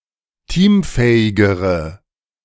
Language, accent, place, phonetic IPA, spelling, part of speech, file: German, Germany, Berlin, [ˈtiːmˌfɛːɪɡəʁə], teamfähigere, adjective, De-teamfähigere.ogg
- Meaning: inflection of teamfähig: 1. strong/mixed nominative/accusative feminine singular comparative degree 2. strong nominative/accusative plural comparative degree